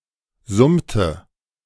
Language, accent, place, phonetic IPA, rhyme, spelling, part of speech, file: German, Germany, Berlin, [ˈzʊmtə], -ʊmtə, summte, verb, De-summte.ogg
- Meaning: inflection of summen: 1. first/third-person singular preterite 2. first/third-person singular subjunctive II